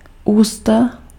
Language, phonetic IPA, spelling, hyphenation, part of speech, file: Czech, [ˈuːsta], ústa, ús‧ta, noun, Cs-ústa.ogg
- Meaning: mouth